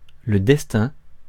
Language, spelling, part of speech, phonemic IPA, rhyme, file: French, destin, noun, /dɛs.tɛ̃/, -ɛ̃, Fr-destin.ogg
- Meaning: destiny, fate